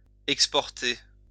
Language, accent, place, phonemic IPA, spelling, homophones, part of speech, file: French, France, Lyon, /ɛk.spɔʁ.te/, exporter, exportai / exporté / exportée / exportées / exportés / exportez, verb, LL-Q150 (fra)-exporter.wav
- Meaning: to export